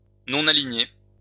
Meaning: nonaligned
- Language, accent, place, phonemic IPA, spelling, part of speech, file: French, France, Lyon, /nɔ.na.li.ɲe/, non-aligné, adjective, LL-Q150 (fra)-non-aligné.wav